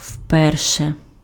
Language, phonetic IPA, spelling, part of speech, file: Ukrainian, [ˈʍpɛrʃe], вперше, adverb, Uk-вперше.ogg
- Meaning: for the first time